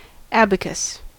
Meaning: A table or tray scattered with sand which was used for calculating or drawing
- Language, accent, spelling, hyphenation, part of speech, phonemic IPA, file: English, General American, abacus, ab‧a‧cus, noun, /ˈæb.ə.kəs/, En-us-abacus.ogg